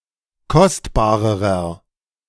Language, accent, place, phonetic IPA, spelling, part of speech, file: German, Germany, Berlin, [ˈkɔstbaːʁəʁɐ], kostbarerer, adjective, De-kostbarerer.ogg
- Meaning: inflection of kostbar: 1. strong/mixed nominative masculine singular comparative degree 2. strong genitive/dative feminine singular comparative degree 3. strong genitive plural comparative degree